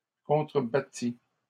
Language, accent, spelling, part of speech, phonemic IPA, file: French, Canada, contrebattit, verb, /kɔ̃.tʁə.ba.ti/, LL-Q150 (fra)-contrebattit.wav
- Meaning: third-person singular past historic of contrebattre